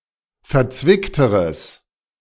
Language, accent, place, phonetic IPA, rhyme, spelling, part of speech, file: German, Germany, Berlin, [fɛɐ̯ˈt͡svɪktəʁəs], -ɪktəʁəs, verzwickteres, adjective, De-verzwickteres.ogg
- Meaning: strong/mixed nominative/accusative neuter singular comparative degree of verzwickt